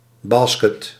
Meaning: basket (the goal in basketball)
- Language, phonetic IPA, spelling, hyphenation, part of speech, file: Dutch, [ˈbɑ(ː)s.kət], basket, bas‧ket, noun, Nl-basket.ogg